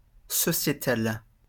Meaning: societal
- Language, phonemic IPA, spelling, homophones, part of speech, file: French, /sɔ.sje.tal/, sociétal, sociétale / sociétales, adjective, LL-Q150 (fra)-sociétal.wav